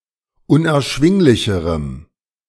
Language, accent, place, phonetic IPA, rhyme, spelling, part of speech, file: German, Germany, Berlin, [ʊnʔɛɐ̯ˈʃvɪŋlɪçəʁəm], -ɪŋlɪçəʁəm, unerschwinglicherem, adjective, De-unerschwinglicherem.ogg
- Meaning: strong dative masculine/neuter singular comparative degree of unerschwinglich